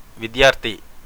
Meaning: a pupil, student
- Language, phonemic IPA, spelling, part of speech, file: Telugu, /ʋid̪jaːɾt̪ʰi/, విద్యార్థి, noun, Te-విద్యార్థి.ogg